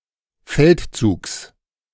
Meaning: genitive singular of Feldzug
- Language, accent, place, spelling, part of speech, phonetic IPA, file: German, Germany, Berlin, Feldzugs, noun, [ˈfɛltˌt͡suːks], De-Feldzugs.ogg